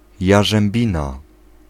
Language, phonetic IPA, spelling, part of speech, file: Polish, [ˌjaʒɛ̃mˈbʲĩna], jarzębina, noun, Pl-jarzębina.ogg